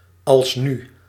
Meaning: 1. now, right now 2. yet, thus far
- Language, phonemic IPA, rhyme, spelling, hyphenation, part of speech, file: Dutch, /ɑlsˈny/, -y, alsnu, als‧nu, adverb, Nl-alsnu.ogg